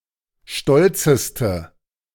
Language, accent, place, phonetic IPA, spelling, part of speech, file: German, Germany, Berlin, [ˈʃtɔlt͡səstə], stolzeste, adjective, De-stolzeste.ogg
- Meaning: inflection of stolz: 1. strong/mixed nominative/accusative feminine singular superlative degree 2. strong nominative/accusative plural superlative degree